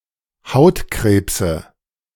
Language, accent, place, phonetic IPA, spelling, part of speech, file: German, Germany, Berlin, [ˈhaʊ̯tˌkʁeːpsə], Hautkrebse, noun, De-Hautkrebse.ogg
- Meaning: nominative/accusative/genitive plural of Hautkrebs